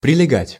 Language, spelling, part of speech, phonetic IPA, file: Russian, прилегать, verb, [prʲɪlʲɪˈɡatʲ], Ru-прилегать.ogg
- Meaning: 1. to adjoin, to border 2. to fit snugly on, to fit closely 3. to cling to